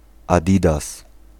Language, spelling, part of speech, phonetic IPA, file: Polish, adidas, noun, [aˈdʲidas], Pl-adidas.ogg